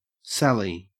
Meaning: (noun) 1. A willow 2. Any tree that resembles a willow 3. An object made from the wood of a willow 4. A sortie of troops from a besieged place against an enemy 5. A sudden rushing forth
- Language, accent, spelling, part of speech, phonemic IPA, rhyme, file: English, Australia, sally, noun / verb, /ˈsæli/, -æli, En-au-sally.ogg